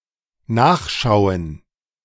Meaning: to (have a) look; to look and see, to check
- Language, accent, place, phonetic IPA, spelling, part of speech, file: German, Germany, Berlin, [ˈnaːxˌʃaʊ̯ən], nachschauen, verb, De-nachschauen.ogg